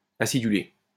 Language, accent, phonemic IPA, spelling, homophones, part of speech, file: French, France, /a.si.dy.le/, acidulé, acidulai / acidulée / acidulées / aciduler / acidulés / acidulez, verb / adjective, LL-Q150 (fra)-acidulé.wav
- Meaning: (verb) past participle of aciduler; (adjective) slightly acid; tart